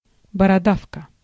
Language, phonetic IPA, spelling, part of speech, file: Russian, [bərɐˈdafkə], бородавка, noun, Ru-бородавка.ogg
- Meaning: wart (type of growth occurring on the skin)